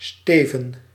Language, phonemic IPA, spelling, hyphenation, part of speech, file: Dutch, /ˈsteːvə(n)/, steven, ste‧ven, noun, Nl-steven.ogg
- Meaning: 1. one of the two ends of a ship's hull; the bow or the stern 2. a bow of a ship